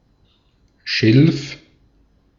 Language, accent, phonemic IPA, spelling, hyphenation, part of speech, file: German, Austria, /ʃɪlf/, Schilf, Schilf, noun, De-at-Schilf.ogg
- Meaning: 1. reed 2. reeds